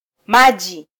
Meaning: 1. water (clear liquid H₂O) 2. any liquid
- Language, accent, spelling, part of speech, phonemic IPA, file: Swahili, Kenya, maji, noun, /ˈmɑ.ʄi/, Sw-ke-maji.flac